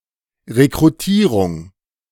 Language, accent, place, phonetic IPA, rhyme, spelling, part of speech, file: German, Germany, Berlin, [ʁekʁuˈtiːʁʊŋ], -iːʁʊŋ, Rekrutierung, noun, De-Rekrutierung.ogg
- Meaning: 1. recruitment (employees; labour; for military, etc) 2. recruitment (Opening of collapsed lung alveoli)